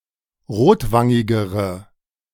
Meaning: inflection of rotwangig: 1. strong/mixed nominative/accusative feminine singular comparative degree 2. strong nominative/accusative plural comparative degree
- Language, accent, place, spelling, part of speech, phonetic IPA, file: German, Germany, Berlin, rotwangigere, adjective, [ˈʁoːtˌvaŋɪɡəʁə], De-rotwangigere.ogg